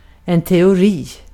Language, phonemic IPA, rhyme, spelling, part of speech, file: Swedish, /tɛʊˈriː/, -iː, teori, noun, Sv-teori.ogg
- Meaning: 1. theory; an unproven conjecture 2. theory; a set of statement attempting to explain certain phenomenon 3. theory; logical structure enabling one to deduce outcomes of experiments